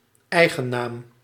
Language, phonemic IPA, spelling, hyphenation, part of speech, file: Dutch, /ˈɛi̯.ɣəˌnaːm/, eigennaam, ei‧gen‧naam, noun, Nl-eigennaam.ogg
- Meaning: proper noun, the (capitalized) name of a particular person, place, organization or other individual entity